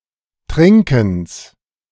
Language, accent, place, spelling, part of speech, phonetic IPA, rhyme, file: German, Germany, Berlin, Trinkens, noun, [ˈtʁɪŋkn̩s], -ɪŋkn̩s, De-Trinkens.ogg
- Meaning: genitive singular of Trinken